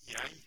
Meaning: I (first-person singular personal pronoun)
- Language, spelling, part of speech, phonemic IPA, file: Norwegian Bokmål, jeg, pronoun, /jæɪ̯/, No-jeg.ogg